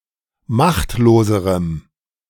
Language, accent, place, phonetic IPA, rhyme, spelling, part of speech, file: German, Germany, Berlin, [ˈmaxtloːzəʁəm], -axtloːzəʁəm, machtloserem, adjective, De-machtloserem.ogg
- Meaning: strong dative masculine/neuter singular comparative degree of machtlos